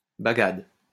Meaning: bagad
- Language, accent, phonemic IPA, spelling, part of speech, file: French, France, /ba.ɡad/, bagad, noun, LL-Q150 (fra)-bagad.wav